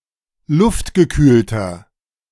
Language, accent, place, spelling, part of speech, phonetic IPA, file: German, Germany, Berlin, luftgekühlter, adjective, [ˈlʊftɡəˌkyːltɐ], De-luftgekühlter.ogg
- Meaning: inflection of luftgekühlt: 1. strong/mixed nominative masculine singular 2. strong genitive/dative feminine singular 3. strong genitive plural